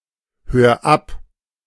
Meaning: 1. singular imperative of abhören 2. first-person singular present of abhören
- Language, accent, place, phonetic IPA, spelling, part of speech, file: German, Germany, Berlin, [ˌhøːɐ̯ ˈap], hör ab, verb, De-hör ab.ogg